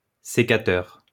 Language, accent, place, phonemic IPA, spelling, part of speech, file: French, France, Lyon, /se.ka.tœʁ/, sécateur, noun, LL-Q150 (fra)-sécateur.wav
- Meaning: pruning shears, secateurs